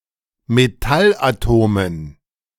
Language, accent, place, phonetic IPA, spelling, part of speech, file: German, Germany, Berlin, [meˈtalʔaˌtoːmən], Metallatomen, noun, De-Metallatomen.ogg
- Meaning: dative plural of Metallatom